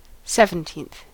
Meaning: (adjective) The ordinal form of the number seventeen; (noun) 1. One of seventeen equal parts of a whole 2. An interval of two octaves and a third
- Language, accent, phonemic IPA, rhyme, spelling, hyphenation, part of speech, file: English, US, /ˌsɛvənˈtiːnθ/, -iːnθ, seventeenth, sev‧en‧teenth, adjective / noun, En-us-seventeenth.ogg